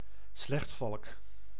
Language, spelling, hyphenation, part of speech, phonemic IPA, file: Dutch, slechtvalk, slecht‧valk, noun, /ˈslɛxt.fɑlk/, Nl-slechtvalk.ogg
- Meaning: peregrine falcon (Falco peregrinus)